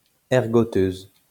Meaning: female equivalent of ergoteur
- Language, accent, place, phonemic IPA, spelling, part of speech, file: French, France, Lyon, /ɛʁ.ɡɔ.tøz/, ergoteuse, noun, LL-Q150 (fra)-ergoteuse.wav